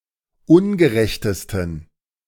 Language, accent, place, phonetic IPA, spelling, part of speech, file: German, Germany, Berlin, [ˈʊnɡəˌʁɛçtəstn̩], ungerechtesten, adjective, De-ungerechtesten.ogg
- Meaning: 1. superlative degree of ungerecht 2. inflection of ungerecht: strong genitive masculine/neuter singular superlative degree